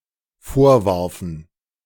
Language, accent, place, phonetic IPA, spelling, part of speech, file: German, Germany, Berlin, [ˈfoːɐ̯ˌvaʁfn̩], vorwarfen, verb, De-vorwarfen.ogg
- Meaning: first/third-person plural dependent preterite of vorwerfen